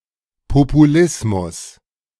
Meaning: populism (usually in a negative sense, opportunistically taking advantage of current popular opinions or emotions)
- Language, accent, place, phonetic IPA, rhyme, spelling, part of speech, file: German, Germany, Berlin, [popuˈlɪsmʊs], -ɪsmʊs, Populismus, noun, De-Populismus.ogg